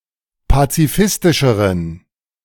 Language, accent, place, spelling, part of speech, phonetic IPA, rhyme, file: German, Germany, Berlin, pazifistischeren, adjective, [pat͡siˈfɪstɪʃəʁən], -ɪstɪʃəʁən, De-pazifistischeren.ogg
- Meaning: inflection of pazifistisch: 1. strong genitive masculine/neuter singular comparative degree 2. weak/mixed genitive/dative all-gender singular comparative degree